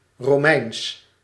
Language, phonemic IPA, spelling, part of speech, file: Dutch, /roːˈmɛi̯ns/, Romeins, adjective, Nl-Romeins.ogg
- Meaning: Roman